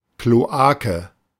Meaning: 1. sewer 2. cloaca
- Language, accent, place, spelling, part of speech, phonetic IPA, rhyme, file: German, Germany, Berlin, Kloake, noun, [kloˈaːkə], -aːkə, De-Kloake.ogg